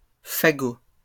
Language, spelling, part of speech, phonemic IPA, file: French, fagots, noun, /fa.ɡo/, LL-Q150 (fra)-fagots.wav
- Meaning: plural of fagot